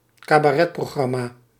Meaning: cabaret programme
- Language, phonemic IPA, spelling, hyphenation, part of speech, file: Dutch, /kaː.baːˈrɛ(t).proːˌɣrɑ.maː/, cabaretprogramma, ca‧ba‧ret‧pro‧gram‧ma, noun, Nl-cabaretprogramma.ogg